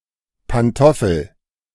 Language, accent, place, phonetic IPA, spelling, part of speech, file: German, Germany, Berlin, [panˈtɔfəl], Pantoffel, noun, De-Pantoffel.ogg
- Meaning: slipper (indoor shoe)